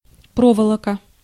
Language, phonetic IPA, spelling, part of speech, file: Russian, [ˈprovəɫ(ə)kə], проволока, noun, Ru-проволока.ogg
- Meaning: wire (thin thread of metal)